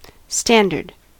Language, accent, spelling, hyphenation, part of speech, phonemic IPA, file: English, US, standard, stan‧dard, adjective / noun / interjection, /ˈstændɚd/, En-us-standard.ogg
- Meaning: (adjective) 1. Falling within an accepted range of size, amount, power, quality, etc 2. Growing alone as a free-standing plant; not trained on a post etc 3. Having recognized excellence or authority